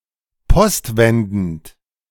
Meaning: by return mail
- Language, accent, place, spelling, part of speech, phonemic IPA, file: German, Germany, Berlin, postwendend, adjective, /ˈpɔstˌvɛndn̩t/, De-postwendend.ogg